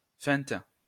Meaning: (noun) feint, dummy; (verb) inflection of feinter: 1. first/third-person singular present indicative/subjunctive 2. second-person singular imperative
- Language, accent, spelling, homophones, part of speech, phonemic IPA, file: French, France, feinte, feintent / feintes, noun / verb, /fɛ̃t/, LL-Q150 (fra)-feinte.wav